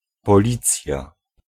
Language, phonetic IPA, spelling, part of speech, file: Polish, [pɔˈlʲit͡sʲja], policja, noun, Pl-policja.ogg